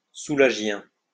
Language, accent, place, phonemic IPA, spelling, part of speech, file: French, France, Lyon, /su.la.ʒjɛ̃/, soulagien, adjective, LL-Q150 (fra)-soulagien.wav
- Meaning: of Pierre Soulages, French painter; Soulagean